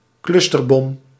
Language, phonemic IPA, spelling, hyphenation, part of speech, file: Dutch, /ˈklʏs.tərˌbɔm/, clusterbom, clus‧ter‧bom, noun, Nl-clusterbom.ogg
- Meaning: cluster bomb